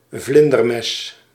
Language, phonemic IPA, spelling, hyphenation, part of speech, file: Dutch, /ˈvlɪn.dərˌmɛs/, vlindermes, vlin‧der‧mes, noun, Nl-vlindermes.ogg
- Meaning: butterfly knife, fan knife